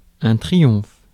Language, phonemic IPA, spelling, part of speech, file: French, /tʁi.jɔ̃f/, triomphe, noun / verb, Fr-triomphe.ogg
- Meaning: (noun) triumph; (verb) inflection of triompher: 1. first/third-person singular present indicative/subjunctive 2. second-person singular imperative